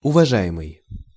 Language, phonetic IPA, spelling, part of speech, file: Russian, [ʊvɐˈʐa(j)ɪmɨj], уважаемый, verb / adjective, Ru-уважаемый.ogg
- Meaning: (verb) present passive imperfective participle of уважа́ть (uvažátʹ); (adjective) 1. dear, esteemed (a formal way of addressing someone at the beginning of a letter) 2. respectable